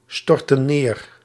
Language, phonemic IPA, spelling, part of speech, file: Dutch, /ˈstɔrtə(n) ˈner/, stortten neer, verb, Nl-stortten neer.ogg
- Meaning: inflection of neerstorten: 1. plural past indicative 2. plural past subjunctive